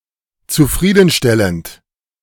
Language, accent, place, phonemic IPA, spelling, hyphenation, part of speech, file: German, Germany, Berlin, /t͡suˈfʁiːdn̩ˌʃtɛlənd/, zufriedenstellend, zu‧frie‧den‧stel‧lend, verb / adjective, De-zufriedenstellend.ogg
- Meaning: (verb) present participle of zufriedenstellen; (adjective) satisfying, satisfactory